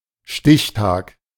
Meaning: deadline; cutoff date
- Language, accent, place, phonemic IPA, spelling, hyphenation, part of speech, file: German, Germany, Berlin, /ˈʃtɪçˌtaːk/, Stichtag, Stich‧tag, noun, De-Stichtag.ogg